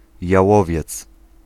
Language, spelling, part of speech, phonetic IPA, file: Polish, jałowiec, noun, [jaˈwɔvʲjɛt͡s], Pl-jałowiec.ogg